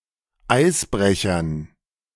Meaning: dative plural of Eisbrecher
- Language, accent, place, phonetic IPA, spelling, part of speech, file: German, Germany, Berlin, [ˈaɪ̯sˌbʁɛçɐn], Eisbrechern, noun, De-Eisbrechern.ogg